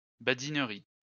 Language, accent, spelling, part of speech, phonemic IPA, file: French, France, badinerie, noun, /ba.din.ʁi/, LL-Q150 (fra)-badinerie.wav
- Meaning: badinage